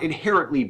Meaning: In an inherent way; naturally, innately
- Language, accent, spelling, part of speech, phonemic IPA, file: English, US, inherently, adverb, /ɪnˈhɛɹəntli/, En-us-inherently.ogg